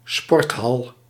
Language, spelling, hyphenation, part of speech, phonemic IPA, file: Dutch, sporthal, sport‧hal, noun, /ˈspɔrt.ɦɑl/, Nl-sporthal.ogg
- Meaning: a sports hall, a gym hall